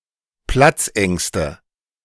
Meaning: nominative/accusative/genitive plural of Platzangst
- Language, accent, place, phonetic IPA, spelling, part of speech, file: German, Germany, Berlin, [ˈplat͡sˌʔɛŋstə], Platzängste, noun, De-Platzängste.ogg